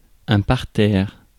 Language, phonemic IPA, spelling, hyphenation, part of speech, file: French, /paʁ.tɛʁ/, parterre, par‧terre, noun, Fr-parterre.ogg
- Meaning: 1. part of a garden that is divided into flowerbeds 2. the part of a theater between the stalls and the rear: the members of a theater audience seated in the parterre